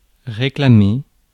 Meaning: 1. to protest 2. to object 3. to claim, reclaim 4. to demand
- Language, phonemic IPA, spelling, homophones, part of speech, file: French, /ʁe.kla.me/, réclamer, réclamé / réclamée / réclamées / réclamés / réclamez, verb, Fr-réclamer.ogg